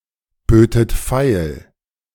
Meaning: second-person plural subjunctive I of feilbieten
- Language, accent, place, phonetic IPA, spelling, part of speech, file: German, Germany, Berlin, [ˌbøːtət ˈfaɪ̯l], bötet feil, verb, De-bötet feil.ogg